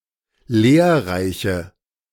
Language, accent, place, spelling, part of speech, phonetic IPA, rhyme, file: German, Germany, Berlin, lehrreiche, adjective, [ˈleːɐ̯ˌʁaɪ̯çə], -eːɐ̯ʁaɪ̯çə, De-lehrreiche.ogg
- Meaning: inflection of lehrreich: 1. strong/mixed nominative/accusative feminine singular 2. strong nominative/accusative plural 3. weak nominative all-gender singular